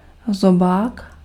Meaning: 1. beak (in birds) 2. mouth (human mouth)
- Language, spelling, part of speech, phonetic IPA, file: Czech, zobák, noun, [ˈzobaːk], Cs-zobák.ogg